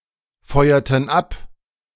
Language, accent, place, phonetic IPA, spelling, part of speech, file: German, Germany, Berlin, [ˌfɔɪ̯ɐtn̩ ˈap], feuerten ab, verb, De-feuerten ab.ogg
- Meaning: inflection of abfeuern: 1. first/third-person plural preterite 2. first/third-person plural subjunctive II